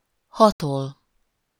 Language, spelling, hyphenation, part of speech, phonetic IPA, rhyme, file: Hungarian, hatol, ha‧tol, verb, [ˈhɒtol], -ol, Hu-hatol.ogg
- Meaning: to penetrate